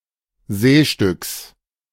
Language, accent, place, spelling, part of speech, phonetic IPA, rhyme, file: German, Germany, Berlin, Seestücks, noun, [ˈzeːʃtʏks], -eːʃtʏks, De-Seestücks.ogg
- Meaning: genitive of Seestück